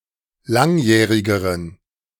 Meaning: inflection of langjährig: 1. strong genitive masculine/neuter singular comparative degree 2. weak/mixed genitive/dative all-gender singular comparative degree
- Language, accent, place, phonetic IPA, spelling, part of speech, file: German, Germany, Berlin, [ˈlaŋˌjɛːʁɪɡəʁən], langjährigeren, adjective, De-langjährigeren.ogg